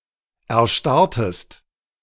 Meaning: inflection of erstarren: 1. second-person singular preterite 2. second-person singular subjunctive II
- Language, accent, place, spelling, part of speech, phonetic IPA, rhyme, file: German, Germany, Berlin, erstarrtest, verb, [ɛɐ̯ˈʃtaʁtəst], -aʁtəst, De-erstarrtest.ogg